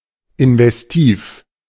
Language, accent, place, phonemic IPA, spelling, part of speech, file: German, Germany, Berlin, /ɪnvɛsˈtiːf/, investiv, adjective, De-investiv.ogg
- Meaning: investive